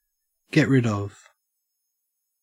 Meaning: To rid oneself of; to cause oneself to be free of or released from
- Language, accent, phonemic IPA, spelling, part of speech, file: English, Australia, /ɡɛt ɹɪd ʌv/, get rid of, verb, En-au-get rid of.ogg